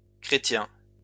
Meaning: plural of chrétien
- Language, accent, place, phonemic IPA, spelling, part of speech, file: French, France, Lyon, /kʁe.tjɛ̃/, chrétiens, noun, LL-Q150 (fra)-chrétiens.wav